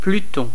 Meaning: 1. Pluto (dwarf planet) 2. Pluto (god)
- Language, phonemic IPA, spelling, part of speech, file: French, /ply.tɔ̃/, Pluton, proper noun, Fr-Pluton.ogg